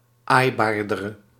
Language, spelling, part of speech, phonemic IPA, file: Dutch, aaibaardere, adjective, /ˈajbardərə/, Nl-aaibaardere.ogg
- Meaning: inflection of aaibaarder, the comparative degree of aaibaar: 1. masculine/feminine singular attributive 2. definite neuter singular attributive 3. plural attributive